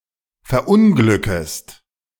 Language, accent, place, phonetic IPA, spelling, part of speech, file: German, Germany, Berlin, [fɛɐ̯ˈʔʊnɡlʏkəst], verunglückest, verb, De-verunglückest.ogg
- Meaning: second-person singular subjunctive I of verunglücken